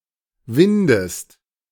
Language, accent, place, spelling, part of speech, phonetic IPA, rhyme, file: German, Germany, Berlin, windest, verb, [ˈvɪndəst], -ɪndəst, De-windest.ogg
- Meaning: inflection of winden: 1. second-person singular present 2. second-person singular subjunctive I